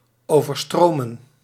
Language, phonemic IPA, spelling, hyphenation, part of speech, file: Dutch, /ˌoːvərˈstroːmə(n)/, overstromen, over‧stro‧men, verb, Nl-overstromen2.ogg
- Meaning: to flood